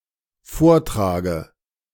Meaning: inflection of vortragen: 1. first-person singular dependent present 2. first/third-person singular dependent subjunctive I
- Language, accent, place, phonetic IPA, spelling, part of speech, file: German, Germany, Berlin, [ˈfoːɐ̯ˌtʁaːɡə], vortrage, verb, De-vortrage.ogg